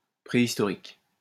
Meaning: 1. prehistoric 2. prehistoric, antiquated
- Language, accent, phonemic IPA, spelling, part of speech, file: French, France, /pʁe.is.tɔ.ʁik/, préhistorique, adjective, LL-Q150 (fra)-préhistorique.wav